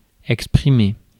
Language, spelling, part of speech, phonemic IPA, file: French, exprimer, verb, /ɛk.spʁi.me/, Fr-exprimer.ogg
- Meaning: 1. to express 2. to express oneself